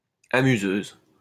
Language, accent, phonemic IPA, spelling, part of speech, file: French, France, /a.my.zøz/, amuseuse, noun, LL-Q150 (fra)-amuseuse.wav
- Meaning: female equivalent of amuseur